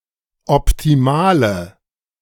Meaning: inflection of optimal: 1. strong/mixed nominative/accusative feminine singular 2. strong nominative/accusative plural 3. weak nominative all-gender singular 4. weak accusative feminine/neuter singular
- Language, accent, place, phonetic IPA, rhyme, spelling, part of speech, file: German, Germany, Berlin, [ɔptiˈmaːlə], -aːlə, optimale, adjective, De-optimale.ogg